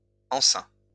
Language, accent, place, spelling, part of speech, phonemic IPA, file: French, France, Lyon, enceint, adjective / verb, /ɑ̃.sɛ̃/, LL-Q150 (fra)-enceint.wav
- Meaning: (adjective) pregnant; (verb) 1. past participle of enceindre 2. third-person singular present indicative of enceindre